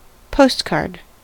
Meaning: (noun) A rectangular piece of thick paper or thin cardboard, typically used for sending messages by mail without the need for an envelope; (verb) To send a postcard to someone
- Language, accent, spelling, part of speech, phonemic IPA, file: English, US, postcard, noun / verb, /ˈpoʊstˌkɑɹd/, En-us-postcard.ogg